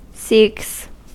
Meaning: third-person singular simple present indicative of seek
- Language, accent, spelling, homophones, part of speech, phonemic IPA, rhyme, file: English, US, seeks, Sikhs, verb, /siːks/, -iːks, En-us-seeks.ogg